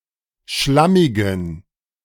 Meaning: inflection of schlammig: 1. strong genitive masculine/neuter singular 2. weak/mixed genitive/dative all-gender singular 3. strong/weak/mixed accusative masculine singular 4. strong dative plural
- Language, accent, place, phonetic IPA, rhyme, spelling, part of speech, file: German, Germany, Berlin, [ˈʃlamɪɡn̩], -amɪɡn̩, schlammigen, adjective, De-schlammigen.ogg